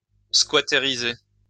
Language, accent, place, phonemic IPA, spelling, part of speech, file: French, France, Lyon, /skwa.te.ʁi.ze/, squattériser, verb, LL-Q150 (fra)-squattériser.wav
- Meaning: to squat, to illegally occupy a place